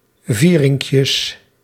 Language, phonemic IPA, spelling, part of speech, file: Dutch, /ˈvirɪŋkjəs/, vierinkjes, noun, Nl-vierinkjes.ogg
- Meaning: plural of vierinkje